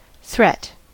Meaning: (noun) 1. An expression of intent to injure or punish another 2. An indication of potential or imminent danger 3. A person or object that is regarded as a danger; a menace
- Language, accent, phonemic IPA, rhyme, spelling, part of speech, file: English, US, /θɹɛt/, -ɛt, threat, noun / verb, En-us-threat.ogg